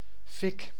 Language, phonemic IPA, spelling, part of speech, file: Dutch, /fɪk/, fik, noun, Nl-fik.ogg
- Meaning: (proper noun) dog's name; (noun) fire; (verb) inflection of fikken: 1. first-person singular present indicative 2. second-person singular present indicative 3. imperative